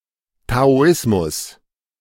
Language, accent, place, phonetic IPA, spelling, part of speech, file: German, Germany, Berlin, [taoˈɪsmʊs], Taoismus, noun, De-Taoismus.ogg
- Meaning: Taoism